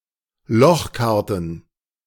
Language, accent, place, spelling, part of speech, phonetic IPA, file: German, Germany, Berlin, Lochkarten, noun, [ˈlɔxˌkaʁtn̩], De-Lochkarten.ogg
- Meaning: plural of Lochkarte